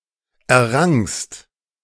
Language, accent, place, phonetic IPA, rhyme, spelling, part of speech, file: German, Germany, Berlin, [ɛɐ̯ˈʁaŋst], -aŋst, errangst, verb, De-errangst.ogg
- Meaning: second-person singular preterite of erringen